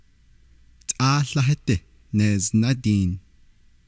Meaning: one hundred
- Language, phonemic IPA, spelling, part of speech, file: Navajo, /tʼɑ́ːɬɑ́hɑ́tɪ́ nèːznɑ́tìːn/, tʼááłáhádí neeznádiin, numeral, Nv-tʼááłáhádí neeznádiin.ogg